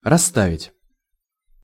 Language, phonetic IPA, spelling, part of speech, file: Russian, [rɐs(ː)ˈtavʲɪtʲ], расставить, verb, Ru-расставить.ogg
- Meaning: 1. to place, to arrange 2. to move apart 3. to let out